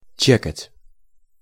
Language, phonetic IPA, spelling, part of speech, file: Russian, [ˈt͡ɕekətʲ], чекать, verb, Ru-чекать.ogg
- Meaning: 1. to check, to skip a move 2. to check (general sense)